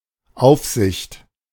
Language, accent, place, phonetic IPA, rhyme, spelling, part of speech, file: German, Germany, Berlin, [ˈaʊ̯fzɪçt], -aʊ̯fzɪçt, Aufsicht, noun, De-Aufsicht.ogg
- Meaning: supervision, oversight